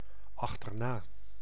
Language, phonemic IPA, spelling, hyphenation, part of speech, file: Dutch, /ˌɑx.tərˈnaː/, achterna, ach‧ter‧na, adverb, Nl-achterna.ogg
- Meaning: after, behind, following (in movement)